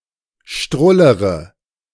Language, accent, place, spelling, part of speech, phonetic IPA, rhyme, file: German, Germany, Berlin, strullere, verb, [ˈʃtʁʊləʁə], -ʊləʁə, De-strullere.ogg
- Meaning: inflection of strullern: 1. first-person singular present 2. first/third-person singular subjunctive I 3. singular imperative